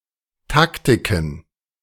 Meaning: plural of Taktik
- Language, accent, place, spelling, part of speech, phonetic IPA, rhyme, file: German, Germany, Berlin, Taktiken, noun, [ˈtaktɪkn̩], -aktɪkn̩, De-Taktiken.ogg